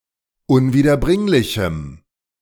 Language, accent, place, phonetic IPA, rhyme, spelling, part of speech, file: German, Germany, Berlin, [ʊnviːdɐˈbʁɪŋlɪçm̩], -ɪŋlɪçm̩, unwiederbringlichem, adjective, De-unwiederbringlichem.ogg
- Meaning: strong dative masculine/neuter singular of unwiederbringlich